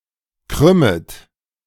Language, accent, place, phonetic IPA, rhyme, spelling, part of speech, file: German, Germany, Berlin, [ˈkʁʏmət], -ʏmət, krümmet, verb, De-krümmet.ogg
- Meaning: second-person plural subjunctive I of krümmen